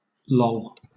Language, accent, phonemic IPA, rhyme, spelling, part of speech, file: English, Southern England, /lɒl/, -ɒl, loll, verb, LL-Q1860 (eng)-loll.wav
- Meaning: 1. To act lazily or indolently while reclining; to lean; to lie at ease 2. To hang extended from the mouth, like the tongue of an animal heated from exertion 3. To let (the tongue) hang from the mouth